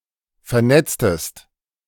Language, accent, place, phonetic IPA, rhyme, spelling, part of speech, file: German, Germany, Berlin, [fɛɐ̯ˈnɛt͡stəst], -ɛt͡stəst, vernetztest, verb, De-vernetztest.ogg
- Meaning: inflection of vernetzen: 1. second-person singular preterite 2. second-person singular subjunctive II